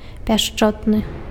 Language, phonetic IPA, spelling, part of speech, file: Belarusian, [pʲaʂˈt͡ʂotnɨ], пяшчотны, adjective, Be-пяшчотны.ogg
- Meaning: tender